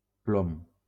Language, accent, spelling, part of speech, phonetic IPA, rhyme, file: Catalan, Valencia, plom, noun, [ˈplom], -om, LL-Q7026 (cat)-plom.wav
- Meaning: 1. lead 2. lead weight, sinker, plumb bob 3. plumb line 4. slug (lead shot) 5. seal, stamp 6. fuse 7. A shot of aniseed alcohol